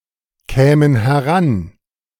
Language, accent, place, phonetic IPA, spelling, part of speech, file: German, Germany, Berlin, [ˌkɛːmən hɛˈʁan], kämen heran, verb, De-kämen heran.ogg
- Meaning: first-person plural subjunctive II of herankommen